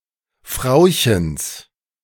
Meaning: genitive of Frauchen
- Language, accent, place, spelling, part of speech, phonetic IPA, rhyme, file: German, Germany, Berlin, Frauchens, noun, [ˈfʁaʊ̯çəns], -aʊ̯çəns, De-Frauchens.ogg